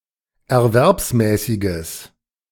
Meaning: strong/mixed nominative/accusative neuter singular of erwerbsmäßig
- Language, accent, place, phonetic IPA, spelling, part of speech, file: German, Germany, Berlin, [ɛɐ̯ˈvɛʁpsmɛːsɪɡəs], erwerbsmäßiges, adjective, De-erwerbsmäßiges.ogg